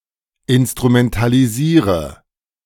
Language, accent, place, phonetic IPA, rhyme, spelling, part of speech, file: German, Germany, Berlin, [ɪnstʁumɛntaliˈziːʁə], -iːʁə, instrumentalisiere, verb, De-instrumentalisiere.ogg
- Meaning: inflection of instrumentalisieren: 1. first-person singular present 2. first/third-person singular subjunctive I 3. singular imperative